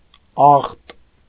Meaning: dirt, filth, uncleanliness
- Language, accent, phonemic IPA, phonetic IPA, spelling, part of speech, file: Armenian, Eastern Armenian, /ɑχt/, [ɑχt], աղտ, noun, Hy-աղտ.ogg